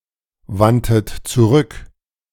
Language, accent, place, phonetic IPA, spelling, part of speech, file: German, Germany, Berlin, [ˌvantət t͡suˈʁʏk], wandtet zurück, verb, De-wandtet zurück.ogg
- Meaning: 1. first-person plural preterite of zurückwenden 2. third-person plural preterite of zurückwenden# second-person plural preterite of zurückwenden